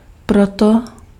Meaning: therefore, hence, that is why
- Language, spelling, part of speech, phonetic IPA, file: Czech, proto, adverb, [ˈproto], Cs-proto.ogg